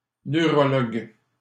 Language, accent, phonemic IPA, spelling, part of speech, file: French, Canada, /nø.ʁɔ.lɔɡ/, neurologue, noun, LL-Q150 (fra)-neurologue.wav
- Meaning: neurologist